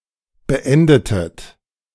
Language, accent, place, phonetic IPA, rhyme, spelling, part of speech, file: German, Germany, Berlin, [bəˈʔɛndətət], -ɛndətət, beendetet, verb, De-beendetet.ogg
- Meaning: inflection of beenden: 1. second-person plural preterite 2. second-person plural subjunctive II